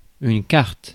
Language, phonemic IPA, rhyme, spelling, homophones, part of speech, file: French, /kaʁt/, -aʁt, carte, kart, noun, Fr-carte.ogg
- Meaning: 1. card 2. chart; map 3. menu, bill of fare